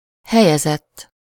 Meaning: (verb) 1. third-person singular indicative past indefinite of helyez 2. past participle of helyez; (noun) place winner
- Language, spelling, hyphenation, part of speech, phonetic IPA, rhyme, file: Hungarian, helyezett, he‧lye‧zett, verb / noun, [ˈhɛjɛzɛtː], -ɛtː, Hu-helyezett.ogg